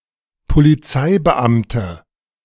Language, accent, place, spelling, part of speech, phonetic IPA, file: German, Germany, Berlin, Polizeibeamte, noun, [poliˈt͡saɪ̯bəˌʔamtə], De-Polizeibeamte.ogg
- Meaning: inflection of Polizeibeamter: 1. strong nominative/accusative plural 2. weak nominative singular